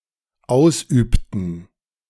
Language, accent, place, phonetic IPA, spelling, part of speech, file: German, Germany, Berlin, [ˈaʊ̯sˌʔyːptn̩], ausübten, verb, De-ausübten.ogg
- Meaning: inflection of ausüben: 1. first/third-person plural dependent preterite 2. first/third-person plural dependent subjunctive II